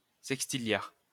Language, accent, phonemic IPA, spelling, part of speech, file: French, France, /sɛk.sti.ljaʁ/, sextilliard, numeral, LL-Q150 (fra)-sextilliard.wav
- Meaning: duodecillion (10³⁹)